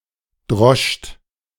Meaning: second-person plural preterite of dreschen
- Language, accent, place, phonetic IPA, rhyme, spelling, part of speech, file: German, Germany, Berlin, [dʁɔʃt], -ɔʃt, droscht, verb, De-droscht.ogg